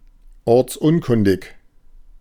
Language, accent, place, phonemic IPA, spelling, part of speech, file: German, Germany, Berlin, /ˈɔʁt͡sˌʔʊnkʊndɪç/, ortsunkundig, adjective, De-ortsunkundig.ogg
- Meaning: having no knowledge of a particular location